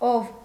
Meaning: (pronoun) who; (interjection) O (vocative particle, used for direct address)
- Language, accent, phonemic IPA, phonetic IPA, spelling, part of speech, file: Armenian, Eastern Armenian, /ov/, [ov], ով, pronoun / interjection, Hy-ով.ogg